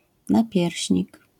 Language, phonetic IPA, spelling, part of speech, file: Polish, [naˈpʲjɛrʲɕɲik], napierśnik, noun, LL-Q809 (pol)-napierśnik.wav